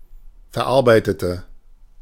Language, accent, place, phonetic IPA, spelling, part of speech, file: German, Germany, Berlin, [fɛɐ̯ˈʔaʁbaɪ̯tətə], verarbeitete, adjective / verb, De-verarbeitete.ogg
- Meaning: inflection of verarbeiten: 1. first/third-person singular preterite 2. first/third-person singular subjunctive II